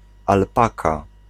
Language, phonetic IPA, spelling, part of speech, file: Polish, [alˈpaka], alpaka, noun, Pl-alpaka.ogg